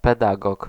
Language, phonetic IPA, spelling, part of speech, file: Polish, [pɛˈdaɡɔk], pedagog, noun, Pl-pedagog.ogg